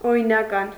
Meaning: legal (permitted by law)
- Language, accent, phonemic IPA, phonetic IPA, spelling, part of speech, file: Armenian, Eastern Armenian, /oɾinɑˈkɑn/, [oɾinɑkɑ́n], օրինական, adjective, Hy-օրինական.oga